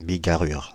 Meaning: a variegated pattern, a colourful mixture
- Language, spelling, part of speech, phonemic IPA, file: French, bigarrure, noun, /bi.ɡa.ʁyʁ/, Fr-bigarrure.ogg